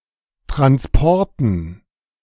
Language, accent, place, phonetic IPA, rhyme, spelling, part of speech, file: German, Germany, Berlin, [tʁansˈpɔʁtn̩], -ɔʁtn̩, Transporten, noun, De-Transporten.ogg
- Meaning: dative plural of Transport